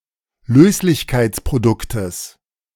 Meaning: genitive singular of Löslichkeitsprodukt
- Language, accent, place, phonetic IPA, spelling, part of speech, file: German, Germany, Berlin, [ˈløːslɪçkaɪ̯t͡spʁoˌdʊktəs], Löslichkeitsproduktes, noun, De-Löslichkeitsproduktes.ogg